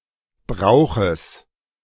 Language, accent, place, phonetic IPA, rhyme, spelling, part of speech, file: German, Germany, Berlin, [ˈbʁaʊ̯xəs], -aʊ̯xəs, Brauches, noun, De-Brauches.ogg
- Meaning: genitive singular of Brauch